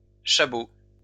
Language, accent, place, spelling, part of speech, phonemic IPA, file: French, France, Lyon, chabot, noun, /ʃa.bo/, LL-Q150 (fra)-chabot.wav
- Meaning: 1. bullhead (Cottus gobio) 2. chabot